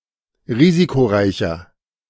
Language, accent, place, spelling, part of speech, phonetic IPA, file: German, Germany, Berlin, risikoreicher, adjective, [ˈʁiːzikoˌʁaɪ̯çɐ], De-risikoreicher.ogg
- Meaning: 1. comparative degree of risikoreich 2. inflection of risikoreich: strong/mixed nominative masculine singular 3. inflection of risikoreich: strong genitive/dative feminine singular